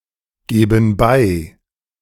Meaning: inflection of beigeben: 1. first/third-person plural present 2. first/third-person plural subjunctive I
- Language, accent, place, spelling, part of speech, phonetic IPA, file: German, Germany, Berlin, geben bei, verb, [ˌɡeːbn̩ ˈbaɪ̯], De-geben bei.ogg